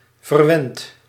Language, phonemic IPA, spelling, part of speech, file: Dutch, /vərˈwɛnt/, verwend, adjective / verb, Nl-verwend.ogg
- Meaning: past participle of verwennen